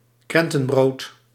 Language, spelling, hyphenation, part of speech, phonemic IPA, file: Dutch, krentenbrood, kren‧ten‧brood, noun, /ˈkrɛn.tə(n)ˌbroːt/, Nl-krentenbrood.ogg
- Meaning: a (loaf of) currant bread, a raisin bread (usually without cinnamon swirls)